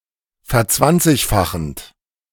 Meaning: present participle of verzwanzigfachen
- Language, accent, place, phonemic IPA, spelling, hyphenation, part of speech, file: German, Germany, Berlin, /fɛɐ̯ˈt͡svant͡sɪçˌfaxənt/, verzwanzigfachend, ver‧zwanzig‧fa‧chend, verb, De-verzwanzigfachend.ogg